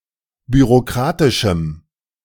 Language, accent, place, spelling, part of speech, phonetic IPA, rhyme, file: German, Germany, Berlin, bürokratischem, adjective, [byʁoˈkʁaːtɪʃm̩], -aːtɪʃm̩, De-bürokratischem.ogg
- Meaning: strong dative masculine/neuter singular of bürokratisch